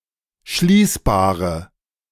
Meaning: inflection of schließbar: 1. strong/mixed nominative/accusative feminine singular 2. strong nominative/accusative plural 3. weak nominative all-gender singular
- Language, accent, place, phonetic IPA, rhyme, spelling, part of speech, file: German, Germany, Berlin, [ˈʃliːsbaːʁə], -iːsbaːʁə, schließbare, adjective, De-schließbare.ogg